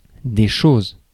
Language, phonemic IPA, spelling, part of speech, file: French, /ʃoz/, choses, noun, Fr-choses.ogg
- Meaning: plural of chose; things